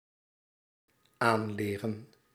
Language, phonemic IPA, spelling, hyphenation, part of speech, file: Dutch, /ˈaːnˌleːrə(n)/, aanleren, aan‧le‧ren, verb, Nl-aanleren.ogg
- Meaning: 1. to learn (to acquire knowledge, skills or habits) 2. to teach (to impart knowledge, skills or habits)